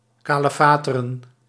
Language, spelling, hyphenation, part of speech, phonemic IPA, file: Dutch, kalefateren, ka‧le‧fa‧te‧ren, verb, /ˌkaː.ləˈfaː.tə.rə(n)/, Nl-kalefateren.ogg
- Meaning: 1. to caulk (to fill seams with oakum) 2. to patch up, to fix